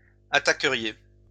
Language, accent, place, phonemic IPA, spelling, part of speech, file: French, France, Lyon, /a.ta.kə.ʁje/, attaqueriez, verb, LL-Q150 (fra)-attaqueriez.wav
- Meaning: second-person plural conditional of attaquer